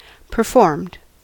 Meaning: simple past and past participle of perform
- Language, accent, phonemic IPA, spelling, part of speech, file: English, US, /pɚˈfɔɹmd/, performed, verb, En-us-performed.ogg